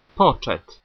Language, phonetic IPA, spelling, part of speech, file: Polish, [ˈpɔt͡ʃɛt], poczet, noun, Pl-poczet.ogg